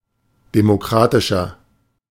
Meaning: 1. comparative degree of demokratisch 2. inflection of demokratisch: strong/mixed nominative masculine singular 3. inflection of demokratisch: strong genitive/dative feminine singular
- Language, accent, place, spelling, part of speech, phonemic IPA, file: German, Germany, Berlin, demokratischer, adjective, /demoˈkʁaːtɪʃɐ/, De-demokratischer.ogg